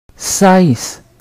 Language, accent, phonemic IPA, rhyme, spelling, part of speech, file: French, Quebec, /sɛs/, -ɛs, cesse, noun / verb, Qc-cesse.ogg
- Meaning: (noun) end; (verb) inflection of cesser: 1. first/third-person singular present indicative/subjunctive 2. second-person singular imperative